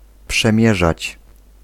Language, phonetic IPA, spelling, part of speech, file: Polish, [pʃɛ̃ˈmʲjɛʒat͡ɕ], przemierzać, verb, Pl-przemierzać.ogg